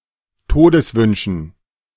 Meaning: dative plural of Todeswunsch
- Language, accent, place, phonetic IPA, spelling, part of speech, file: German, Germany, Berlin, [ˈtoːdəsˌvʏnʃn̩], Todeswünschen, noun, De-Todeswünschen.ogg